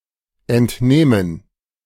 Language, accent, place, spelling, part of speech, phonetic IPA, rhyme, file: German, Germany, Berlin, entnähmen, verb, [ɛntˈnɛːmən], -ɛːmən, De-entnähmen.ogg
- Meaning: first/third-person plural subjunctive II of entnehmen